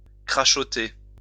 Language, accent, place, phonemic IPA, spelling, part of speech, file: French, France, Lyon, /kʁa.ʃɔ.te/, crachoter, verb, LL-Q150 (fra)-crachoter.wav
- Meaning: 1. to spittle 2. to splutter, crackle (e.g. a radio)